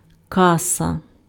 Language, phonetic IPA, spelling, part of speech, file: Ukrainian, [ˈkasɐ], каса, noun, Uk-каса.ogg
- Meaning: 1. pay desk, cash desk, checkout 2. ticket window, box office 3. cash 4. bank, fund 5. cash register